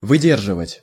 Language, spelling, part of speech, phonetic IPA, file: Russian, выдерживать, verb, [vɨˈdʲerʐɨvətʲ], Ru-выдерживать.ogg
- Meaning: 1. to stand, to withstand, to bear, to sustain, to endure 2. to pass exam 3. to contain oneself, to control oneself 4. to maintain, to keep up, to observe 5. to age, to mature, to season